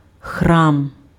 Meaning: 1. temple 2. shrine 3. a church 4. the feast day of a church's patron's saint, kermis
- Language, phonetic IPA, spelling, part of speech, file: Ukrainian, [xram], храм, noun, Uk-храм.ogg